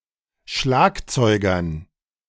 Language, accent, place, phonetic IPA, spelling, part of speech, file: German, Germany, Berlin, [ˈʃlaːkt͡sɔɪ̯ɡɐn], Schlagzeugern, noun, De-Schlagzeugern.ogg
- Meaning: dative plural of Schlagzeuger